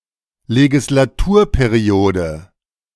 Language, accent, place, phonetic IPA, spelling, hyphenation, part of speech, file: German, Germany, Berlin, [leɡɪslaˈtuːɐ̯peˌʁi̯oːdə], Legislaturperiode, Le‧gis‧la‧tur‧pe‧ri‧o‧de, noun, De-Legislaturperiode.ogg
- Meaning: legislative session